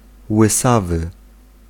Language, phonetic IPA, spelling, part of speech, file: Polish, [wɨˈsavɨ], łysawy, adjective, Pl-łysawy.ogg